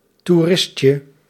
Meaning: diminutive of toerist
- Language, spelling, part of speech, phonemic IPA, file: Dutch, toeristje, noun, /tu.ˈrɪ.ʃə/, Nl-toeristje.ogg